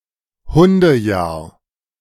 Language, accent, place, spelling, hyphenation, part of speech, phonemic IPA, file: German, Germany, Berlin, Hundejahr, Hun‧de‧jahr, noun, /ˈhʊndəˌjaːɐ̯/, De-Hundejahr.ogg
- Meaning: dog year